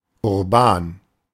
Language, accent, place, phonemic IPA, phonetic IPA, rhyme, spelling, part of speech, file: German, Germany, Berlin, /ʊʁˈbaːn/, [ʊɐ̯ˈbaːn], -aːn, urban, adjective, De-urban.ogg
- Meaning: urban